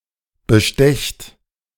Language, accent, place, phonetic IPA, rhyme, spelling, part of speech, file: German, Germany, Berlin, [bəˈʃtɛçt], -ɛçt, bestecht, verb, De-bestecht.ogg
- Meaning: second-person plural present of bestechen